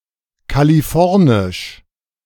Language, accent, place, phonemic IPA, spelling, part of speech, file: German, Germany, Berlin, /kaliˈfɔʁnɪʃ/, kalifornisch, adjective, De-kalifornisch.ogg
- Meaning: Californian